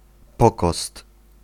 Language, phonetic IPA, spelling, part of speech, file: Polish, [ˈpɔkɔst], pokost, noun, Pl-pokost.ogg